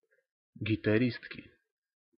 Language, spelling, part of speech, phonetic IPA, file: Russian, гитаристки, noun, [ɡʲɪtɐˈrʲistkʲɪ], Ru-гитаристки.ogg
- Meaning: inflection of гитари́стка (gitarístka): 1. genitive singular 2. nominative plural